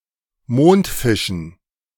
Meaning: dative plural of Mondfisch
- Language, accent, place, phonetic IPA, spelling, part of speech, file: German, Germany, Berlin, [ˈmoːntˌfɪʃn̩], Mondfischen, noun, De-Mondfischen.ogg